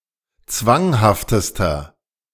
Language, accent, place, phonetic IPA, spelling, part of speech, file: German, Germany, Berlin, [ˈt͡svaŋhaftəstɐ], zwanghaftester, adjective, De-zwanghaftester.ogg
- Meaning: inflection of zwanghaft: 1. strong/mixed nominative masculine singular superlative degree 2. strong genitive/dative feminine singular superlative degree 3. strong genitive plural superlative degree